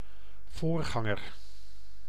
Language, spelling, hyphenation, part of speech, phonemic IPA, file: Dutch, voorganger, voor‧gan‧ger, noun, /ˈvoːrˌɣɑ.ŋər/, Nl-voorganger.ogg
- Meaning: 1. predecessor 2. pastor